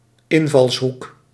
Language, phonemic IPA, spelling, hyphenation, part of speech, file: Dutch, /ˈɪn.vɑlsˌɦuk/, invalshoek, in‧vals‧hoek, noun, Nl-invalshoek.ogg
- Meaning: 1. angle of incidence 2. a particular manner of treating or approaching something; a line of approach, a line of attack, an angle